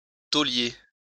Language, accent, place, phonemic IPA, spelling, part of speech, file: French, France, Lyon, /to.lje/, taulier, noun, LL-Q150 (fra)-taulier.wav
- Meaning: hotel or bar owner